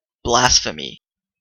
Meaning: An act of irreverence or contempt toward a god or toward something considered sacred; an impious act, utterance, view, etc
- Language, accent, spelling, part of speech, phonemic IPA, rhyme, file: English, Canada, blasphemy, noun, /ˈblæs.fə.mi/, -æsfəmi, En-ca-blasphemy.oga